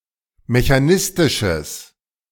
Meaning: strong/mixed nominative/accusative neuter singular of mechanistisch
- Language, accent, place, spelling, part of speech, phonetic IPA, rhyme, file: German, Germany, Berlin, mechanistisches, adjective, [meçaˈnɪstɪʃəs], -ɪstɪʃəs, De-mechanistisches.ogg